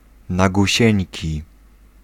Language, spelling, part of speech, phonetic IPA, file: Polish, nagusieńki, adjective, [ˌnaɡuˈɕɛ̇̃ɲci], Pl-nagusieńki.ogg